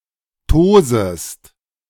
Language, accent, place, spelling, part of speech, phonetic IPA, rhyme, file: German, Germany, Berlin, tosest, verb, [ˈtoːzəst], -oːzəst, De-tosest.ogg
- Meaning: second-person singular subjunctive I of tosen